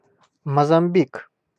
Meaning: Mozambique (a country in East Africa and Southern Africa)
- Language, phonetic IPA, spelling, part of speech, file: Russian, [məzɐm⁽ʲ⁾ˈbʲik], Мозамбик, proper noun, Ru-Мозамбик.ogg